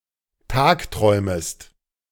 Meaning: second-person singular subjunctive I of tagträumen
- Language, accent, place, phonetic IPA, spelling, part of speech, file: German, Germany, Berlin, [ˈtaːkˌtʁɔɪ̯məst], tagträumest, verb, De-tagträumest.ogg